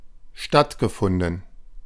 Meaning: past participle of stattfinden
- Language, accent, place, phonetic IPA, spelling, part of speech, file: German, Germany, Berlin, [ˈʃtatɡəˌfʊndn̩], stattgefunden, verb, De-stattgefunden.ogg